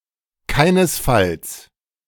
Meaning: under no circumstances, no way
- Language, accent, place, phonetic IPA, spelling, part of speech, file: German, Germany, Berlin, [ˈkaɪ̯nəsˌfals], keinesfalls, adverb, De-keinesfalls.ogg